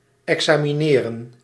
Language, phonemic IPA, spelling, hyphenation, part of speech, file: Dutch, /ˌɛk.saː.miˈneː.rə(n)/, examineren, exa‧mi‧ne‧ren, verb, Nl-examineren.ogg
- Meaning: 1. to test someone, to subject to an exam 2. to examine, to investigate